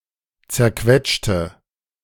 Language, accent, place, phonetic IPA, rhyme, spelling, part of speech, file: German, Germany, Berlin, [t͡sɛɐ̯ˈkvɛt͡ʃtə], -ɛt͡ʃtə, zerquetschte, adjective / verb, De-zerquetschte.ogg
- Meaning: inflection of zerquetschen: 1. first/third-person singular preterite 2. first/third-person singular subjunctive II